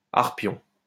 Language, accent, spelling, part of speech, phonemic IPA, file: French, France, arpion, noun, /aʁ.pjɔ̃/, LL-Q150 (fra)-arpion.wav
- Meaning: foot